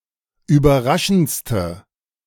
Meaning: inflection of überraschend: 1. strong/mixed nominative/accusative feminine singular superlative degree 2. strong nominative/accusative plural superlative degree
- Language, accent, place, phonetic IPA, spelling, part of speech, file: German, Germany, Berlin, [yːbɐˈʁaʃn̩t͡stə], überraschendste, adjective, De-überraschendste.ogg